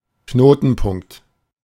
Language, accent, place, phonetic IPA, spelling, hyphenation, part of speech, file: German, Germany, Berlin, [ˈknoːtn̩ˌpʊŋkt], Knotenpunkt, Kno‧ten‧punkt, noun, De-Knotenpunkt.ogg
- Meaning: junction